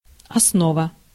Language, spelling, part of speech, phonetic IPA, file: Russian, основа, noun, [ɐsˈnovə], Ru-основа.ogg
- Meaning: 1. basis, foundation, base 2. fundamentals, essential principles, ABC, basics, foundation 3. stem 4. warp